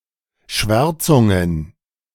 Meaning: plural of Schwärzung
- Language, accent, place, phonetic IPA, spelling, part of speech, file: German, Germany, Berlin, [ˈʃvɛʁt͡sʊŋən], Schwärzungen, noun, De-Schwärzungen.ogg